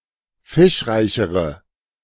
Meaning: inflection of fischreich: 1. strong/mixed nominative/accusative feminine singular comparative degree 2. strong nominative/accusative plural comparative degree
- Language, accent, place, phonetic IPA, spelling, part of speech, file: German, Germany, Berlin, [ˈfɪʃˌʁaɪ̯çəʁə], fischreichere, adjective, De-fischreichere.ogg